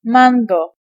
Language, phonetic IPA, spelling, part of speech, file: Polish, [ˈmãŋɡɔ], mango, noun / adjective, Pl-mango.ogg